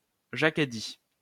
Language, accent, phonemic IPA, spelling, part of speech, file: French, France, /ʒa.k‿a di/, Jacques a dit, noun, LL-Q150 (fra)-Jacques a dit.wav
- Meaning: Simon says (children's game)